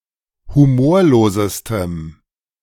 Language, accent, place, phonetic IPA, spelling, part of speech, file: German, Germany, Berlin, [huˈmoːɐ̯loːzəstəm], humorlosestem, adjective, De-humorlosestem.ogg
- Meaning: strong dative masculine/neuter singular superlative degree of humorlos